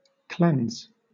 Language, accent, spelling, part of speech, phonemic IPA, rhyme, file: English, Southern England, cleanse, verb / noun, /klɛnz/, -ɛnz, LL-Q1860 (eng)-cleanse.wav
- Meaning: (verb) 1. To free from dirt; to clean, to purify 2. To spiritually purify; to free from guilt or sin; to purge 3. To remove (something seen as unpleasant) from a person, place, or thing